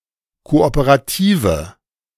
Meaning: inflection of kooperativ: 1. strong/mixed nominative/accusative feminine singular 2. strong nominative/accusative plural 3. weak nominative all-gender singular
- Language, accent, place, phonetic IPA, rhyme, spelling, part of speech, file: German, Germany, Berlin, [ˌkoʔopəʁaˈtiːvə], -iːvə, kooperative, adjective, De-kooperative.ogg